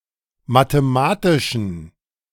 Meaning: inflection of mathematisch: 1. strong genitive masculine/neuter singular 2. weak/mixed genitive/dative all-gender singular 3. strong/weak/mixed accusative masculine singular 4. strong dative plural
- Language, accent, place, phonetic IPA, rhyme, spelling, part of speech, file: German, Germany, Berlin, [mateˈmaːtɪʃn̩], -aːtɪʃn̩, mathematischen, adjective, De-mathematischen.ogg